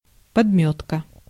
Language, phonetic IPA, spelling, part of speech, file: Russian, [pɐdˈmʲɵtkə], подмётка, noun, Ru-подмётка.ogg
- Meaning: sole (bottom of a shoe or boot)